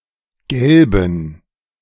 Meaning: inflection of gelb: 1. strong genitive masculine/neuter singular 2. weak/mixed genitive/dative all-gender singular 3. strong/weak/mixed accusative masculine singular 4. strong dative plural
- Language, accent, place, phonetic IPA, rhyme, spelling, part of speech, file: German, Germany, Berlin, [ˈɡɛlbn̩], -ɛlbn̩, gelben, adjective, De-gelben.ogg